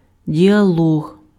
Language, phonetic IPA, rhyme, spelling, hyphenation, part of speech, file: Ukrainian, [dʲiɐˈɫɔɦ], -ɔɦ, діалог, діа‧лог, noun, Uk-діалог.ogg
- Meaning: dialogue